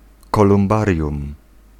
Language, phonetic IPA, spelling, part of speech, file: Polish, [ˌkɔlũmˈbarʲjũm], kolumbarium, noun, Pl-kolumbarium.ogg